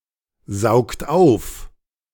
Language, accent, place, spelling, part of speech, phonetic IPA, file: German, Germany, Berlin, saugt auf, verb, [ˌzaʊ̯kt ˈaʊ̯f], De-saugt auf.ogg
- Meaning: inflection of aufsaugen: 1. second-person plural present 2. third-person singular present 3. plural imperative